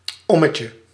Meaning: a stroll, a short walk
- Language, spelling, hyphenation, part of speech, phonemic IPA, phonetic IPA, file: Dutch, ommetje, om‧me‧tje, noun, /ˈɔ.mə.tjə/, [ˈɔ.mə.cə], Nl-ommetje.ogg